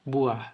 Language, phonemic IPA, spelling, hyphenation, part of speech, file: Brunei, /buah/, buah, bu‧ah, noun / classifier, Kxd-buah.ogg
- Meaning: fruit